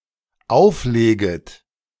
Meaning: second-person plural dependent subjunctive I of auflegen
- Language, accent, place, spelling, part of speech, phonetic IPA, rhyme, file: German, Germany, Berlin, aufleget, verb, [ˈaʊ̯fˌleːɡət], -aʊ̯fleːɡət, De-aufleget.ogg